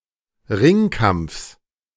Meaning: genitive singular of Ringkampf
- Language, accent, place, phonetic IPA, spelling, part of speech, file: German, Germany, Berlin, [ˈʁɪŋˌkamp͡fs], Ringkampfs, noun, De-Ringkampfs.ogg